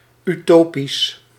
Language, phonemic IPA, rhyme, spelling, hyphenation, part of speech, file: Dutch, /yˈtoːpis/, -oːpis, utopisch, uto‧pisch, adjective, Nl-utopisch.ogg
- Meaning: utopian